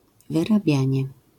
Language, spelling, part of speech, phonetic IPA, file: Polish, wyrabianie, noun, [ˌvɨraˈbʲjä̃ɲɛ], LL-Q809 (pol)-wyrabianie.wav